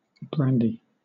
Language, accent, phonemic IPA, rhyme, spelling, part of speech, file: English, Southern England, /ˈbɹændi/, -ændi, brandy, noun / verb, LL-Q1860 (eng)-brandy.wav
- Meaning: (noun) 1. An alcoholic liquor distilled from wine or fermented fruit juice 2. Any variety of such liquor 3. A serving of such liquor; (verb) To preserve, flavour, or mix with brandy